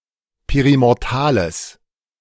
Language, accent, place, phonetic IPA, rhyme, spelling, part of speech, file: German, Germany, Berlin, [ˌpeʁimɔʁˈtaːləs], -aːləs, perimortales, adjective, De-perimortales.ogg
- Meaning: strong/mixed nominative/accusative neuter singular of perimortal